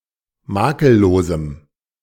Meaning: strong dative masculine/neuter singular of makellos
- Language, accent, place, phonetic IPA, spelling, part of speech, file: German, Germany, Berlin, [ˈmaːkəlˌloːzm̩], makellosem, adjective, De-makellosem.ogg